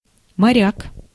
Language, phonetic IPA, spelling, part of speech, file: Russian, [mɐˈrʲak], моряк, noun, Ru-моряк.ogg
- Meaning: 1. seaman, sailor, mariner (a member of the crew of a vessel; a person experienced in nautical matters) 2. sea breeze (a strong, biting wind that blows in from the sea around the mouths of rivers)